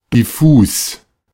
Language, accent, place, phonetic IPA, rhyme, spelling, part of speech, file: German, Germany, Berlin, [dɪˈfuːs], -uːs, diffus, adjective, De-diffus.ogg
- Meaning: diffuse, vague, unclear